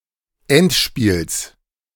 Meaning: genitive singular of Endspiel
- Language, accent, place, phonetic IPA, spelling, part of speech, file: German, Germany, Berlin, [ˈɛntˌʃpiːls], Endspiels, noun, De-Endspiels.ogg